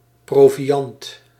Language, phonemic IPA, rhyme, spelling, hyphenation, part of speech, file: Dutch, /ˌproː.viˈɑnt/, -ɑnt, proviand, pro‧vi‧and, noun, Nl-proviand.ogg
- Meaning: food supplies, edible provision, in particular when travelling